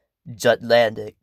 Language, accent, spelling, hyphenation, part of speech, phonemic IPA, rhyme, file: English, US, Jutlandic, Jut‧land‧ic, adjective / proper noun, /d͡ʒʌtˈlændɪk/, -ændɪk, En-us-Jutlandic.ogg
- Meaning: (adjective) Of or pertaining to Jutland; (proper noun) Any of the dialects of Danish spoken in Jutland